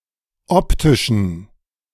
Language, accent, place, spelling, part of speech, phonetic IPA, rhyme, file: German, Germany, Berlin, optischen, adjective, [ˈɔptɪʃn̩], -ɔptɪʃn̩, De-optischen.ogg
- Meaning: inflection of optisch: 1. strong genitive masculine/neuter singular 2. weak/mixed genitive/dative all-gender singular 3. strong/weak/mixed accusative masculine singular 4. strong dative plural